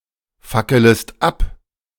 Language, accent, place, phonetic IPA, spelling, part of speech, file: German, Germany, Berlin, [ˌfakələst ˈap], fackelest ab, verb, De-fackelest ab.ogg
- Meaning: second-person singular subjunctive I of abfackeln